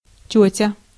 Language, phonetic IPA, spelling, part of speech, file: Russian, [ˈtʲɵtʲə], тётя, noun, Ru-тётя.ogg
- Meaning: 1. aunt 2. woman, lady; auntie